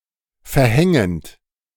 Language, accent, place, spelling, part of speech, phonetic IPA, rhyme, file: German, Germany, Berlin, verhängend, verb, [fɛɐ̯ˈhɛŋənt], -ɛŋənt, De-verhängend.ogg
- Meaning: present participle of verhängen